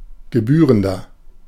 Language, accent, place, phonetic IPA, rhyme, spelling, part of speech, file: German, Germany, Berlin, [ɡəˈbyːʁəndɐ], -yːʁəndɐ, gebührender, adjective, De-gebührender.ogg
- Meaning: 1. comparative degree of gebührend 2. inflection of gebührend: strong/mixed nominative masculine singular 3. inflection of gebührend: strong genitive/dative feminine singular